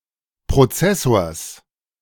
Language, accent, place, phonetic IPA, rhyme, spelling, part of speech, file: German, Germany, Berlin, [pʁoˈt͡sɛsoːɐ̯s], -ɛsoːɐ̯s, Prozessors, noun, De-Prozessors.ogg
- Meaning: genitive singular of Prozessor